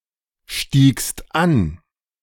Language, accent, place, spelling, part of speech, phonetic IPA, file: German, Germany, Berlin, stiegst an, verb, [ˌʃtiːkst ˈan], De-stiegst an.ogg
- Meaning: second-person singular preterite of ansteigen